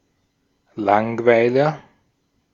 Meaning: a bore, boring person
- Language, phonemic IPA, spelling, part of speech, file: German, /ˈlaŋˌvaɪ̯lɐ/, Langweiler, noun, De-at-Langweiler.ogg